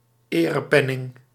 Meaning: medal
- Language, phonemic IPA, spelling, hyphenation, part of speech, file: Dutch, /ˈeː.rəˌpɛ.nɪŋ/, erepenning, ere‧pen‧ning, noun, Nl-erepenning.ogg